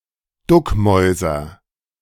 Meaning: inflection of duckmäusern: 1. first-person singular present 2. singular imperative
- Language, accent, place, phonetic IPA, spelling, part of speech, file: German, Germany, Berlin, [ˈdʊkˌmɔɪ̯zɐ], duckmäuser, verb, De-duckmäuser.ogg